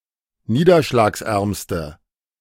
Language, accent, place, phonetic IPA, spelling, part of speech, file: German, Germany, Berlin, [ˈniːdɐʃlaːksˌʔɛʁmstə], niederschlagsärmste, adjective, De-niederschlagsärmste.ogg
- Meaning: inflection of niederschlagsarm: 1. strong/mixed nominative/accusative feminine singular superlative degree 2. strong nominative/accusative plural superlative degree